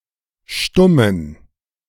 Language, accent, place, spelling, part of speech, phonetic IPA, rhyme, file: German, Germany, Berlin, stummen, adjective, [ˈʃtʊmən], -ʊmən, De-stummen.ogg
- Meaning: inflection of stumm: 1. strong genitive masculine/neuter singular 2. weak/mixed genitive/dative all-gender singular 3. strong/weak/mixed accusative masculine singular 4. strong dative plural